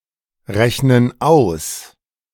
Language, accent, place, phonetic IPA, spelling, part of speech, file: German, Germany, Berlin, [ˌʁɛçnən ˈaʊ̯s], rechnen aus, verb, De-rechnen aus.ogg
- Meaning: inflection of ausrechnen: 1. first/third-person plural present 2. first/third-person plural subjunctive I